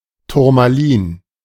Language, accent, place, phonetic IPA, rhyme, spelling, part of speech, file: German, Germany, Berlin, [tʊʁmaˈliːn], -iːn, Turmalin, noun, De-Turmalin.ogg
- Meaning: tourmaline